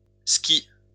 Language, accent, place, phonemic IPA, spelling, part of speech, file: French, France, Lyon, /ski/, skis, noun, LL-Q150 (fra)-skis.wav
- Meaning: plural of ski